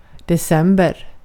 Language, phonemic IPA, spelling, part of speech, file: Swedish, /dɛˈsɛmbɛr/, december, noun, Sv-december.ogg
- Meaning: December